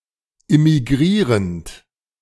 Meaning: present participle of immigrieren
- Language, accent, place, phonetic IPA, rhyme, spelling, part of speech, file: German, Germany, Berlin, [ɪmiˈɡʁiːʁənt], -iːʁənt, immigrierend, verb, De-immigrierend.ogg